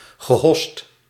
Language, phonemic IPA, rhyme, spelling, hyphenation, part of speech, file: Dutch, /ɣəˈɦɔst/, -ɔst, gehost, ge‧host, verb, Nl-gehost.ogg
- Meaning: past participle of hossen